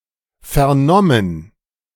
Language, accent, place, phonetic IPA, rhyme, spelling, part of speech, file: German, Germany, Berlin, [fɛɐ̯ˈnɔmən], -ɔmən, vernommen, verb, De-vernommen.ogg
- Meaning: past participle of vernehmen